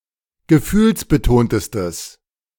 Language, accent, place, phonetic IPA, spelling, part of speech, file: German, Germany, Berlin, [ɡəˈfyːlsbəˌtoːntəstəs], gefühlsbetontestes, adjective, De-gefühlsbetontestes.ogg
- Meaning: strong/mixed nominative/accusative neuter singular superlative degree of gefühlsbetont